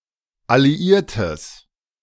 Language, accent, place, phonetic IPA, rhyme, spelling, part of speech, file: German, Germany, Berlin, [aliˈiːɐ̯təs], -iːɐ̯təs, alliiertes, adjective, De-alliiertes.ogg
- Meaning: strong/mixed nominative/accusative neuter singular of alliiert